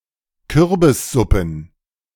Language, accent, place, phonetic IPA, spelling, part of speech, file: German, Germany, Berlin, [ˈkʏʁbɪsˌzʊpn̩], Kürbissuppen, noun, De-Kürbissuppen.ogg
- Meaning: plural of Kürbissuppe